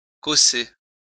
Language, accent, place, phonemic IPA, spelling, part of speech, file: French, France, Lyon, /kɔ.se/, cosser, verb, LL-Q150 (fra)-cosser.wav
- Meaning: to butt (ram heads together)